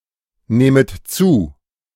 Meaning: second-person plural subjunctive I of zunehmen
- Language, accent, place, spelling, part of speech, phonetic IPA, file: German, Germany, Berlin, nehmet zu, verb, [ˌneːmət ˈt͡suː], De-nehmet zu.ogg